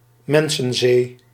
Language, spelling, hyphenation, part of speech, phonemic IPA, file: Dutch, mensenzee, men‧sen‧zee, noun, /ˈmɛn.sə(n)ˌzeː/, Nl-mensenzee.ogg
- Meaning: mass of people, large multitude